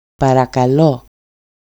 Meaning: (interjection) 1. please 2. you're welcome, it's nothing (response to being thanked) 3. can I help you? 4. hello? excuse me?; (verb) request, beg, plead
- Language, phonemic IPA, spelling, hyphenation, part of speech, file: Greek, /parakaˈlo/, παρακαλώ, πα‧ρα‧κα‧λώ, interjection / verb, EL-παρακαλώ.ogg